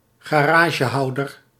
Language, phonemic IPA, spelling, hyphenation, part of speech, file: Dutch, /ɣaːˈraː.ʒəˌɦɑu̯.dər/, garagehouder, ga‧ra‧ge‧hou‧der, noun, Nl-garagehouder.ogg
- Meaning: a garage owner